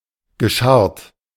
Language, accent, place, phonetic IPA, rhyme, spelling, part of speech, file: German, Germany, Berlin, [ɡəˈʃaʁt], -aʁt, gescharrt, verb, De-gescharrt.ogg
- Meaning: past participle of scharren